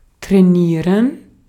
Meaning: 1. to work out, to exercise, to train 2. to train, to coach
- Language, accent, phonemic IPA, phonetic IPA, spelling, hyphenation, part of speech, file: German, Austria, /tʁɛˈniːʁən/, [tʁɛˈniːɐ̯n], trainieren, trai‧nie‧ren, verb, De-at-trainieren.ogg